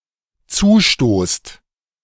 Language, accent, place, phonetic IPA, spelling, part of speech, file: German, Germany, Berlin, [ˈt͡suːˌʃtoːst], zustoßt, verb, De-zustoßt.ogg
- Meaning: second-person plural dependent present of zustoßen